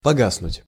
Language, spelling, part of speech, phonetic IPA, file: Russian, погаснуть, verb, [pɐˈɡasnʊtʲ], Ru-погаснуть.ogg
- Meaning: 1. to go out (of light, fire) 2. to die away